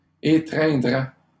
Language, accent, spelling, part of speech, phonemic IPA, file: French, Canada, étreindraient, verb, /e.tʁɛ̃.dʁɛ/, LL-Q150 (fra)-étreindraient.wav
- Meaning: third-person plural conditional of étreindre